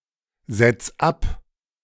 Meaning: 1. singular imperative of absetzen 2. first-person singular present of absetzen
- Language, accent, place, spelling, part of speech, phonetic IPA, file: German, Germany, Berlin, setz ab, verb, [ˌz̥ɛt͡s ˈap], De-setz ab.ogg